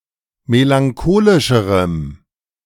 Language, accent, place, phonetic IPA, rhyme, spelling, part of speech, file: German, Germany, Berlin, [melaŋˈkoːlɪʃəʁəm], -oːlɪʃəʁəm, melancholischerem, adjective, De-melancholischerem.ogg
- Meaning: strong dative masculine/neuter singular comparative degree of melancholisch